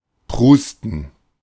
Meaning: 1. to snort (especially with laughter) 2. to splutter
- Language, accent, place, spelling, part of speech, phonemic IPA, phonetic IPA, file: German, Germany, Berlin, prusten, verb, /ˈpʁuːstən/, [ˈpʁuːstn̩], De-prusten.ogg